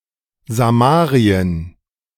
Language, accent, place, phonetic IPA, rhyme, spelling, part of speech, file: German, Germany, Berlin, [zaˈmaːʁiən], -aːʁiən, Samarien, proper noun, De-Samarien.ogg
- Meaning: Samaria (the ancient capital of the northern Kingdom of Israel, in the modern West Bank)